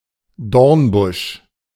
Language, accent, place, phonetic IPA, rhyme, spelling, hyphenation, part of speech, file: German, Germany, Berlin, [ˈdɔʁnˌbʊʃ], -ʊʃ, Dornbusch, Dorn‧busch, noun, De-Dornbusch.ogg
- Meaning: thornbush